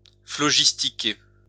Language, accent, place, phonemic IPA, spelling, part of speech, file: French, France, Lyon, /flɔ.ʒis.ti.ke/, phlogistiquer, verb, LL-Q150 (fra)-phlogistiquer.wav
- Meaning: to phlogisticate